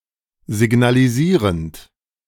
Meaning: present participle of signalisieren
- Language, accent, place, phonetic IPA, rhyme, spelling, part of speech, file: German, Germany, Berlin, [zɪɡnaliˈziːʁənt], -iːʁənt, signalisierend, verb, De-signalisierend.ogg